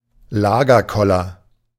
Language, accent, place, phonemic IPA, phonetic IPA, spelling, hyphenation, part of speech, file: German, Germany, Berlin, /ˈlaːɡərˌkɔlər/, [ˈlaː.ɡɐˌkɔ.lɐ], Lagerkoller, La‧ger‧kol‧ler, noun, De-Lagerkoller.ogg